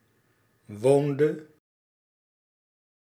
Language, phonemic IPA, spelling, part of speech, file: Dutch, /ˈʋoːn.də/, woonde, verb, Nl-woonde.ogg
- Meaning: inflection of wonen: 1. singular past indicative 2. singular past subjunctive